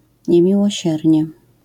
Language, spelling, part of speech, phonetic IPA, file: Polish, niemiłosiernie, adverb, [ˌɲɛ̃mʲiwɔˈɕɛrʲɲɛ], LL-Q809 (pol)-niemiłosiernie.wav